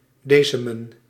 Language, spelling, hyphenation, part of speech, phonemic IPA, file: Dutch, desemen, de‧se‧men, verb, /ˈdeː.sə.mə(n)/, Nl-desemen.ogg
- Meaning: to leaven